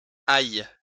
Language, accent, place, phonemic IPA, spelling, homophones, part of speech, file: French, France, Lyon, /aj/, aille, ailles / aillent, verb, LL-Q150 (fra)-aille.wav
- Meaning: 1. first/third-person singular present subjunctive of aller 2. inflection of ailler: first/third-person singular present indicative/subjunctive